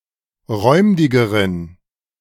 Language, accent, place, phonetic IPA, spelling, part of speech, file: German, Germany, Berlin, [ˈʁɔɪ̯mdɪɡəʁən], räumdigeren, adjective, De-räumdigeren.ogg
- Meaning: inflection of räumdig: 1. strong genitive masculine/neuter singular comparative degree 2. weak/mixed genitive/dative all-gender singular comparative degree